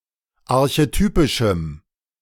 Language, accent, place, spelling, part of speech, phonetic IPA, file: German, Germany, Berlin, archetypischem, adjective, [aʁçeˈtyːpɪʃm̩], De-archetypischem.ogg
- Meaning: strong dative masculine/neuter singular of archetypisch